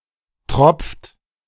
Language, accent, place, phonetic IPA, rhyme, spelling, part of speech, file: German, Germany, Berlin, [tʁɔp͡ft], -ɔp͡ft, tropft, verb, De-tropft.ogg
- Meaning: inflection of tropfen: 1. second-person plural present 2. third-person singular present 3. plural imperative